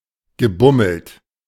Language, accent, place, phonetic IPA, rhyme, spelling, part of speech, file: German, Germany, Berlin, [ɡəˈbʊml̩t], -ʊml̩t, gebummelt, verb, De-gebummelt.ogg
- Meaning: past participle of bummeln